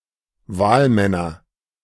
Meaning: nominative/accusative/genitive plural of Wahlmann
- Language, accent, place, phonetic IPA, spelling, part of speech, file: German, Germany, Berlin, [ˈvaːlˌmɛnɐ], Wahlmänner, noun, De-Wahlmänner.ogg